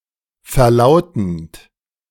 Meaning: present participle of verlauten
- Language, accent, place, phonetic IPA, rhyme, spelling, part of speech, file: German, Germany, Berlin, [fɛɐ̯ˈlaʊ̯tn̩t], -aʊ̯tn̩t, verlautend, verb, De-verlautend.ogg